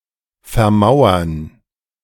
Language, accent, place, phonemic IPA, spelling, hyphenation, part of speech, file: German, Germany, Berlin, /fɛɐ̯ˈmaʊ̯ɐn/, vermauern, ver‧mau‧ern, verb, De-vermauern.ogg
- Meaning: to wall in